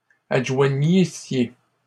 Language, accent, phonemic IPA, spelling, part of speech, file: French, Canada, /ad.ʒwa.ɲi.sje/, adjoignissiez, verb, LL-Q150 (fra)-adjoignissiez.wav
- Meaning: second-person plural imperfect subjunctive of adjoindre